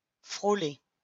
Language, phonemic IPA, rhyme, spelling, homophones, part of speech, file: French, /fʁo.le/, -e, frôler, frôlai / frôlé / frôlée / frôlées / frôlés / frôlez, verb, LL-Q150 (fra)-frôler.wav
- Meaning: 1. to brush against, touch, skim, graze, skirt 2. to verge on